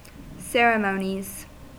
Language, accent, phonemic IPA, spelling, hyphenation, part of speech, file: English, US, /ˈsɛɹɪˌmoʊniz/, ceremonies, cer‧e‧mo‧nies, noun, En-us-ceremonies.ogg
- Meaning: plural of ceremony